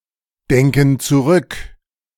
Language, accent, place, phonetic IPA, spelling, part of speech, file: German, Germany, Berlin, [ˌdɛŋkn̩ t͡suˈʁʏk], denken zurück, verb, De-denken zurück.ogg
- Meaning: inflection of zurückdenken: 1. first/third-person plural present 2. first/third-person plural subjunctive I